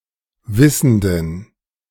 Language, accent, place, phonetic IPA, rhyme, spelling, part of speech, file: German, Germany, Berlin, [ˈvɪsn̩dən], -ɪsn̩dən, wissenden, adjective, De-wissenden.ogg
- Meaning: inflection of wissend: 1. strong genitive masculine/neuter singular 2. weak/mixed genitive/dative all-gender singular 3. strong/weak/mixed accusative masculine singular 4. strong dative plural